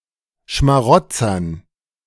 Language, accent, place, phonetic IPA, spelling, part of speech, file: German, Germany, Berlin, [ʃmaˈʁɔt͡sɐn], Schmarotzern, noun, De-Schmarotzern.ogg
- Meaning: dative plural of Schmarotzer